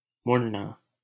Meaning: 1. to turn 2. to bend
- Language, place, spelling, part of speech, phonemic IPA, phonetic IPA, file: Hindi, Delhi, मुड़ना, verb, /mʊɽ.nɑː/, [mʊɽ.näː], LL-Q1568 (hin)-मुड़ना.wav